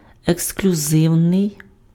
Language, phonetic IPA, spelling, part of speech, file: Ukrainian, [eksklʲʊˈzɪu̯nei̯], ексклюзивний, adjective, Uk-ексклюзивний.ogg
- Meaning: exclusive